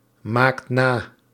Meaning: inflection of namaken: 1. second/third-person singular present indicative 2. plural imperative
- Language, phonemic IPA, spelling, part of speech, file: Dutch, /ˈmakt ˈna/, maakt na, verb, Nl-maakt na.ogg